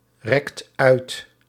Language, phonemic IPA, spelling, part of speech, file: Dutch, /ˈrɛkt ˈœyt/, rekt uit, verb, Nl-rekt uit.ogg
- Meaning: inflection of uitrekken: 1. second/third-person singular present indicative 2. plural imperative